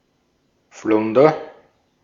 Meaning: flounder (sea fish)
- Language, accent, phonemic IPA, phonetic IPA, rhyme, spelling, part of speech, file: German, Austria, /ˈflʊndər/, [ˈflʊndɐ], -ʊndɐ, Flunder, noun, De-at-Flunder.ogg